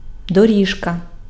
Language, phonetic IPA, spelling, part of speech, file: Ukrainian, [doˈrʲiʒkɐ], доріжка, noun, Uk-доріжка.ogg
- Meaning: diminutive of доро́га (doróha): 1. path (surface for walking or cycling) 2. strip of carpet 3. track, lane